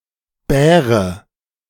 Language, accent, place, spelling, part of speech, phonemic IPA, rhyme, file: German, Germany, Berlin, Bäre, noun, /ˈbɛːʁə/, -ɛːʁə, De-Bäre.ogg
- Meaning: nominative/accusative/genitive plural of Bär